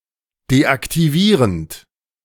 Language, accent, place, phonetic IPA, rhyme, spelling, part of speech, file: German, Germany, Berlin, [deʔaktiˈviːʁənt], -iːʁənt, deaktivierend, verb, De-deaktivierend.ogg
- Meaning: present participle of deaktivieren